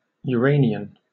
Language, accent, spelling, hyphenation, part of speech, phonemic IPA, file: English, Received Pronunciation, Uranian, Ura‧ni‧an, adjective / noun, /jʊˈɹeɪnɪən/, En-uk-Uranian.oga
- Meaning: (adjective) 1. Celestial, heavenly; uranic 2. Homosexual; also, pederastic; relating to a man's erotic love for adolescent boys; (specifically) of poetry: conveying appreciation for young men